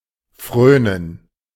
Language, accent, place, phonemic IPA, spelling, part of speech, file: German, Germany, Berlin, /ˈfʁøː.nən/, frönen, verb, De-frönen.ogg
- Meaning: to indulge